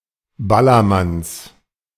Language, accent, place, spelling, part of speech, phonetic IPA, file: German, Germany, Berlin, Ballermanns, noun, [ˈbalɐˌmans], De-Ballermanns.ogg
- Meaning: genitive singular of Ballermann